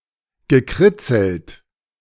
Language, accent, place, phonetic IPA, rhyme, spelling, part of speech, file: German, Germany, Berlin, [ɡəˈkʁɪt͡sl̩t], -ɪt͡sl̩t, gekritzelt, verb, De-gekritzelt.ogg
- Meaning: past participle of kritzeln